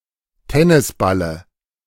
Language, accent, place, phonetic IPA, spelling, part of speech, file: German, Germany, Berlin, [ˈtɛnɪsˌbalə], Tennisballe, noun, De-Tennisballe.ogg
- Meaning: dative of Tennisball